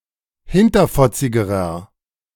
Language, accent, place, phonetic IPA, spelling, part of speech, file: German, Germany, Berlin, [ˈhɪntɐfɔt͡sɪɡəʁɐ], hinterfotzigerer, adjective, De-hinterfotzigerer.ogg
- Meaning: inflection of hinterfotzig: 1. strong/mixed nominative masculine singular comparative degree 2. strong genitive/dative feminine singular comparative degree 3. strong genitive plural comparative degree